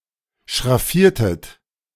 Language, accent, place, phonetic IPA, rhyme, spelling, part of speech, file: German, Germany, Berlin, [ʃʁaˈfiːɐ̯tət], -iːɐ̯tət, schraffiertet, verb, De-schraffiertet.ogg
- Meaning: inflection of schraffieren: 1. second-person plural preterite 2. second-person plural subjunctive II